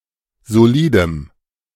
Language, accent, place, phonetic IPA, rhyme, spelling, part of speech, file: German, Germany, Berlin, [zoˈliːdəm], -iːdəm, solidem, adjective, De-solidem.ogg
- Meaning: strong dative masculine/neuter singular of solid